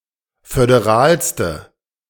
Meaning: inflection of föderal: 1. strong/mixed nominative/accusative feminine singular superlative degree 2. strong nominative/accusative plural superlative degree
- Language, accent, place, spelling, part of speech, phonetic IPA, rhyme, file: German, Germany, Berlin, föderalste, adjective, [fødeˈʁaːlstə], -aːlstə, De-föderalste.ogg